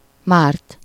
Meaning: to immerse (in liquid), to douse, to dunk (used with -ba/-be)
- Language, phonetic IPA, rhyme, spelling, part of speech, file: Hungarian, [ˈmaːrt], -aːrt, márt, verb, Hu-márt.ogg